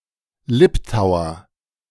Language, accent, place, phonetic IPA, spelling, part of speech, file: German, Germany, Berlin, [ˈlɪptaʊ̯ɐ], Liptauer, noun, De-Liptauer.ogg
- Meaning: Liptauer